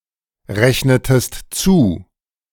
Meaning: inflection of zurechnen: 1. second-person singular preterite 2. second-person singular subjunctive II
- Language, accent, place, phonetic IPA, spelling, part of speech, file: German, Germany, Berlin, [ˌʁɛçnətəst ˈt͡suː], rechnetest zu, verb, De-rechnetest zu.ogg